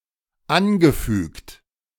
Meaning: past participle of anfügen
- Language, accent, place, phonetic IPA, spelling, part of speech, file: German, Germany, Berlin, [ˈanɡəˌfyːkt], angefügt, verb, De-angefügt.ogg